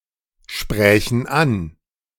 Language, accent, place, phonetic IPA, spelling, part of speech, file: German, Germany, Berlin, [ˌʃpʁɛːçn̩ ˈan], sprächen an, verb, De-sprächen an.ogg
- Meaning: first/third-person plural subjunctive II of ansprechen